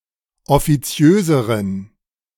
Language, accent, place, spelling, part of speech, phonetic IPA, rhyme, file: German, Germany, Berlin, offiziöseren, adjective, [ɔfiˈt͡si̯øːzəʁən], -øːzəʁən, De-offiziöseren.ogg
- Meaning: inflection of offiziös: 1. strong genitive masculine/neuter singular comparative degree 2. weak/mixed genitive/dative all-gender singular comparative degree